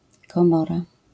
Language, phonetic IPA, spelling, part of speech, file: Polish, [kɔ̃ˈmɔra], komora, noun, LL-Q809 (pol)-komora.wav